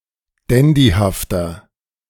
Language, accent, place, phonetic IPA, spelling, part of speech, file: German, Germany, Berlin, [ˈdɛndihaftɐ], dandyhafter, adjective, De-dandyhafter.ogg
- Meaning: 1. comparative degree of dandyhaft 2. inflection of dandyhaft: strong/mixed nominative masculine singular 3. inflection of dandyhaft: strong genitive/dative feminine singular